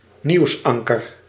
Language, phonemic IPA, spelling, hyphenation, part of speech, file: Dutch, /ˈniu̯sˌɑŋ.kər/, nieuwsanker, nieuws‧an‧ker, noun, Nl-nieuwsanker.ogg
- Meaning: news anchor